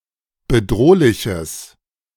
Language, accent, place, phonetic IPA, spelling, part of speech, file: German, Germany, Berlin, [bəˈdʁoːlɪçəs], bedrohliches, adjective, De-bedrohliches.ogg
- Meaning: strong/mixed nominative/accusative neuter singular of bedrohlich